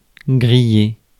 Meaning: 1. to toast (cook with a toaster) 2. to grill (cook with a grill) 3. to toast (heat up, said of e.g. skin) 4. to smoke (a cigarette)
- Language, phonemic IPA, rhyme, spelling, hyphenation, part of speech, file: French, /ɡʁi.je/, -e, griller, gril‧ler, verb, Fr-griller.ogg